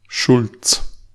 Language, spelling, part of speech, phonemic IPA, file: German, Schulz, proper noun, /ʃʊlt͡s/, De-Schulz.ogg
- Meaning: a common surname originating as an occupation